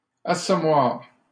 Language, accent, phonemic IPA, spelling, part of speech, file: French, Canada, /a.sɔ.mwaʁ/, assommoir, noun, LL-Q150 (fra)-assommoir.wav
- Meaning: 1. cosh or similar weapon 2. boozer (low-class drinking establishment) 3. murder hole